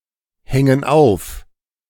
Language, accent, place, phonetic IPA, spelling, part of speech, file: German, Germany, Berlin, [ˌhɛŋən ˈaʊ̯f], hängen auf, verb, De-hängen auf.ogg
- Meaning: inflection of aufhängen: 1. first/third-person plural present 2. first/third-person plural subjunctive I